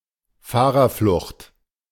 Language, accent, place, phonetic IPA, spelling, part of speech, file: German, Germany, Berlin, [ˈfaːʁɐˌflʊxt], Fahrerflucht, noun, De-Fahrerflucht.ogg
- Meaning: hit-and-run